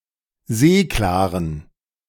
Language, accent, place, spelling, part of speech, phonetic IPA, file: German, Germany, Berlin, seeklaren, adjective, [ˈzeːklaːʁən], De-seeklaren.ogg
- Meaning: inflection of seeklar: 1. strong genitive masculine/neuter singular 2. weak/mixed genitive/dative all-gender singular 3. strong/weak/mixed accusative masculine singular 4. strong dative plural